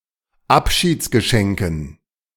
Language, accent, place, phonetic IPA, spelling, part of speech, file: German, Germany, Berlin, [ˈapʃiːt͡sɡəˌʃɛŋkn̩], Abschiedsgeschenken, noun, De-Abschiedsgeschenken.ogg
- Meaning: dative plural of Abschiedsgeschenk